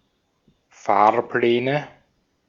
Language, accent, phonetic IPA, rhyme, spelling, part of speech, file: German, Austria, [ˈfaːɐ̯ˌplɛːnə], -aːɐ̯plɛːnə, Fahrpläne, noun, De-at-Fahrpläne.ogg
- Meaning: nominative/accusative/genitive plural of Fahrplan